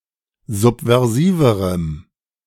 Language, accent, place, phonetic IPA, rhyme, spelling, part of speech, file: German, Germany, Berlin, [ˌzupvɛʁˈziːvəʁəm], -iːvəʁəm, subversiverem, adjective, De-subversiverem.ogg
- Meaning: strong dative masculine/neuter singular comparative degree of subversiv